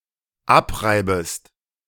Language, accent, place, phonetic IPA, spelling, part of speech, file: German, Germany, Berlin, [ˈapˌʁaɪ̯bəst], abreibest, verb, De-abreibest.ogg
- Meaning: second-person singular dependent subjunctive I of abreiben